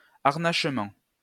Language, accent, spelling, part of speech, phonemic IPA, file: French, France, harnachement, noun, /aʁ.naʃ.mɑ̃/, LL-Q150 (fra)-harnachement.wav
- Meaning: 1. harness 2. trappings